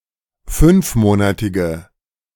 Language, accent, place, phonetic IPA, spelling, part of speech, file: German, Germany, Berlin, [ˈfʏnfˌmoːnatɪɡə], fünfmonatige, adjective, De-fünfmonatige.ogg
- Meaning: inflection of fünfmonatig: 1. strong/mixed nominative/accusative feminine singular 2. strong nominative/accusative plural 3. weak nominative all-gender singular